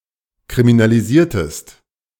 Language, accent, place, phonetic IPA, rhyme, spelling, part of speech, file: German, Germany, Berlin, [kʁiminaliˈziːɐ̯təst], -iːɐ̯təst, kriminalisiertest, verb, De-kriminalisiertest.ogg
- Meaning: inflection of kriminalisieren: 1. second-person singular preterite 2. second-person singular subjunctive II